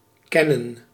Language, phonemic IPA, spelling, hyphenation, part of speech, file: Dutch, /ˈkɛnə(n)/, kennen, ken‧nen, verb, Nl-kennen.ogg